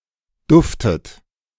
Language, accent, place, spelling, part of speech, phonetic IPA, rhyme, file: German, Germany, Berlin, duftet, verb, [ˈdʊftət], -ʊftət, De-duftet.ogg
- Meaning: inflection of duften: 1. second-person plural present 2. second-person plural subjunctive I 3. third-person singular present 4. plural imperative